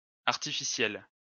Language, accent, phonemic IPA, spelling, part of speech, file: French, France, /aʁ.ti.fi.sjɛl/, artificielles, adjective, LL-Q150 (fra)-artificielles.wav
- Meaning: feminine plural of artificiel